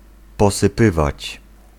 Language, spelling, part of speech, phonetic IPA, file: Polish, posypywać, verb, [ˌpɔsɨˈpɨvat͡ɕ], Pl-posypywać.ogg